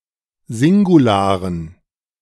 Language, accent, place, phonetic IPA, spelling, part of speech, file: German, Germany, Berlin, [ˈzɪŋɡuˌlaːʁən], Singularen, noun, De-Singularen.ogg
- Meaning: dative plural of Singular